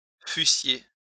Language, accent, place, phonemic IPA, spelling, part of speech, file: French, France, Lyon, /fy.sje/, fussiez, verb, LL-Q150 (fra)-fussiez.wav
- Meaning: second-person plural imperfect subjunctive of être